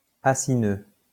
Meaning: acinar
- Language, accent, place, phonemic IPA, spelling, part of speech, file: French, France, Lyon, /a.si.nø/, acineux, adjective, LL-Q150 (fra)-acineux.wav